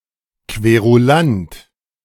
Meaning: 1. querulant 2. grouser, griper (someone who constantly complains, especially about perceived wrongs)
- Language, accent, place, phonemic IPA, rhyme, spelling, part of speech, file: German, Germany, Berlin, /kveʁuˈlant/, -ant, Querulant, noun, De-Querulant.ogg